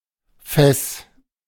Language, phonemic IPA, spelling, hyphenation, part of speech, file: German, /fɛs/, Fes, Fes, noun, De-Fes2.ogg
- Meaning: F-flat